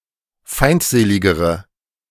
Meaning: inflection of feindselig: 1. strong/mixed nominative/accusative feminine singular comparative degree 2. strong nominative/accusative plural comparative degree
- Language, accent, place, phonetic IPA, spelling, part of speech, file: German, Germany, Berlin, [ˈfaɪ̯ntˌzeːlɪɡəʁə], feindseligere, adjective, De-feindseligere.ogg